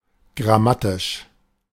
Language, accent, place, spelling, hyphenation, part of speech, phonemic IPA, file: German, Germany, Berlin, grammatisch, gram‧ma‧tisch, adjective, /ɡʁaˈmatɪʃ/, De-grammatisch.ogg
- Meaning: grammatical